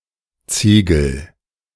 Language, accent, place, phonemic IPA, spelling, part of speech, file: German, Germany, Berlin, /ˈt͡siːɡəl/, Ziegel, noun, De-Ziegel.ogg
- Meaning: 1. brick 2. roof tile